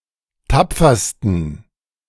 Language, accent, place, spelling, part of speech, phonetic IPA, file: German, Germany, Berlin, tapfersten, adjective, [ˈtap͡fɐstn̩], De-tapfersten.ogg
- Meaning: 1. superlative degree of tapfer 2. inflection of tapfer: strong genitive masculine/neuter singular superlative degree